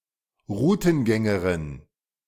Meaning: female dowser
- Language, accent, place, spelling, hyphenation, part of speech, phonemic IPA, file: German, Germany, Berlin, Rutengängerin, Ru‧ten‧gän‧ge‧rin, noun, /ˈʁuːtn̩ˌɡɛŋəʁɪn/, De-Rutengängerin.ogg